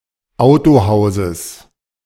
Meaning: genitive singular of Autohaus
- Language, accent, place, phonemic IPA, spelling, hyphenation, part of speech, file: German, Germany, Berlin, /ˈaʊ̯toˌhaʊ̯zəs/, Autohauses, Au‧to‧hau‧ses, noun, De-Autohauses.ogg